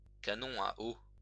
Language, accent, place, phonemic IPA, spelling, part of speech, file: French, France, Lyon, /ka.nɔ̃ a o/, canon à eau, noun, LL-Q150 (fra)-canon à eau.wav
- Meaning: water cannon